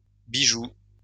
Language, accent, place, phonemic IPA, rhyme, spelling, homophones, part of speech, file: French, France, Lyon, /bi.ʒu/, -u, bijoux, bijou, noun, LL-Q150 (fra)-bijoux.wav
- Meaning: plural of bijou